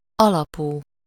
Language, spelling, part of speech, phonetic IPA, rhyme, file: Hungarian, alapú, adjective, [ˈɒlɒpuː], -puː, Hu-alapú.ogg
- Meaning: -based